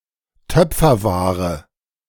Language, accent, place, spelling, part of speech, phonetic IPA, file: German, Germany, Berlin, Töpferware, noun, [ˈtœp͡fɐˌvaːʁə], De-Töpferware.ogg
- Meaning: pottery